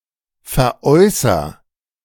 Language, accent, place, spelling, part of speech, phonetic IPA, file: German, Germany, Berlin, veräußer, verb, [fɛɐ̯ˈʔɔɪ̯sɐ], De-veräußer.ogg
- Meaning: inflection of veräußern: 1. first-person singular present 2. singular imperative